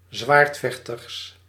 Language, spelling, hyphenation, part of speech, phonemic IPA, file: Dutch, zwaardvechter, zwaard‧vech‧ter, noun, /ˈzʋaːrtˌfɛx.tər/, Nl-zwaardvechter.ogg
- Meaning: a swordfighter